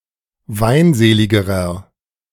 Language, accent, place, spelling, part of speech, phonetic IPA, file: German, Germany, Berlin, weinseligerer, adjective, [ˈvaɪ̯nˌzeːlɪɡəʁɐ], De-weinseligerer.ogg
- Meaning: inflection of weinselig: 1. strong/mixed nominative masculine singular comparative degree 2. strong genitive/dative feminine singular comparative degree 3. strong genitive plural comparative degree